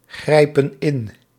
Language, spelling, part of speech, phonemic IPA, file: Dutch, grijpen in, verb, /ˈɣrɛipə(n) ˈɪn/, Nl-grijpen in.ogg
- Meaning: inflection of ingrijpen: 1. plural present indicative 2. plural present subjunctive